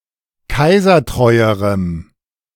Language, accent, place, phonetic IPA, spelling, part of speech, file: German, Germany, Berlin, [ˈkaɪ̯zɐˌtʁɔɪ̯əʁəm], kaisertreuerem, adjective, De-kaisertreuerem.ogg
- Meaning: strong dative masculine/neuter singular comparative degree of kaisertreu